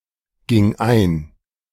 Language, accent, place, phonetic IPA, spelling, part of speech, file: German, Germany, Berlin, [ˌɡɪŋ ˈaɪ̯n], ging ein, verb, De-ging ein.ogg
- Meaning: first/third-person singular preterite of eingehen